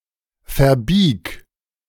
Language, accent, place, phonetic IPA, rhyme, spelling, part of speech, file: German, Germany, Berlin, [fɛɐ̯ˈbiːk], -iːk, verbieg, verb, De-verbieg.ogg
- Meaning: singular imperative of verbiegen